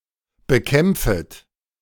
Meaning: second-person plural subjunctive I of bekämpfen
- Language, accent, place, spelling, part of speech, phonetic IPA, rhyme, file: German, Germany, Berlin, bekämpfet, verb, [bəˈkɛmp͡fət], -ɛmp͡fət, De-bekämpfet.ogg